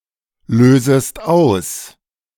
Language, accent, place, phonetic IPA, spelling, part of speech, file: German, Germany, Berlin, [ˌløːzəst ˈaʊ̯s], lösest aus, verb, De-lösest aus.ogg
- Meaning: second-person singular subjunctive I of auslösen